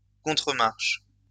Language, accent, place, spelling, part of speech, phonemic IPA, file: French, France, Lyon, contremarche, noun, /kɔ̃.tʁə.maʁʃ/, LL-Q150 (fra)-contremarche.wav
- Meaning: 1. countermarch 2. riser (part of a step)